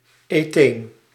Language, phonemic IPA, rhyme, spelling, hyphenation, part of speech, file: Dutch, /eːˈteːn/, -eːn, etheen, etheen, noun, Nl-etheen.ogg
- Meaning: ethene